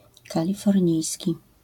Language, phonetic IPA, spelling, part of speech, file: Polish, [ˌkalʲifɔrʲˈɲijsʲci], kalifornijski, adjective, LL-Q809 (pol)-kalifornijski.wav